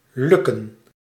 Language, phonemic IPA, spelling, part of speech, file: Dutch, /ˈlʏ.kə(n)/, lukken, verb, Nl-lukken.ogg
- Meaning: 1. to succeed, to work, to go right 2. to manage to, to succeed in, to be able to